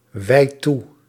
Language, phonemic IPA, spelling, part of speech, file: Dutch, /ˈwɛit ˈtu/, wijd toe, verb, Nl-wijd toe.ogg
- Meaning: inflection of toewijden: 1. first-person singular present indicative 2. second-person singular present indicative 3. imperative